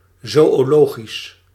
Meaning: zoological
- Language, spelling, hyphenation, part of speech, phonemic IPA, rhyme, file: Dutch, zoölogisch, zoö‧lo‧gisch, adjective, /ˌzoː.oːˈloː.ɣis/, -oːɣis, Nl-zoölogisch.ogg